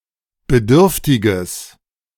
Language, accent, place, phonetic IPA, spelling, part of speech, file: German, Germany, Berlin, [bəˈdʏʁftɪɡəs], bedürftiges, adjective, De-bedürftiges.ogg
- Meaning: strong/mixed nominative/accusative neuter singular of bedürftig